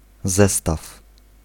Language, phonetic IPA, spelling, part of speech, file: Polish, [ˈzɛstaf], zestaw, noun / verb, Pl-zestaw.ogg